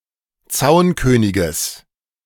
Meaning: genitive of Zaunkönig
- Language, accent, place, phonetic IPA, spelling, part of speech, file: German, Germany, Berlin, [ˈt͡saʊ̯nkøːnɪɡəs], Zaunköniges, noun, De-Zaunköniges.ogg